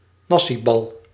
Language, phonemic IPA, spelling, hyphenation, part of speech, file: Dutch, /ˈnɑ.siˌbɑl/, nasibal, na‧si‧bal, noun, Nl-nasibal.ogg
- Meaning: a deep-fried spherical traditional Javanese-influenced snack made from nasi goreng with a breadcrumb crust